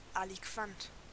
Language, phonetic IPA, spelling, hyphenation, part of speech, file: German, [aliˈkvant], aliquant, ali‧quant, adjective, De-aliquant.ogg
- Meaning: aliquant